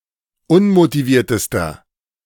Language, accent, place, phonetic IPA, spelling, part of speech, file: German, Germany, Berlin, [ˈʊnmotiˌviːɐ̯təstɐ], unmotiviertester, adjective, De-unmotiviertester.ogg
- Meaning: inflection of unmotiviert: 1. strong/mixed nominative masculine singular superlative degree 2. strong genitive/dative feminine singular superlative degree 3. strong genitive plural superlative degree